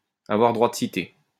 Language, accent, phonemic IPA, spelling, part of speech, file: French, France, /a.vwaʁ dʁwa d(ə) si.te/, avoir droit de cité, verb, LL-Q150 (fra)-avoir droit de cité.wav
- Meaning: 1. to have citizenship 2. to have one's rightful place; to belong; to be acceptable, to be admissible